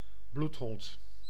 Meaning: 1. bloodhound 2. someone skilled in finding people; skilled or persistent tracker or stalker 3. persecutor, tenaciously cruel person
- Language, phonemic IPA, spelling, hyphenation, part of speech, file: Dutch, /ˈblut.ɦɔnt/, bloedhond, bloed‧hond, noun, Nl-bloedhond.ogg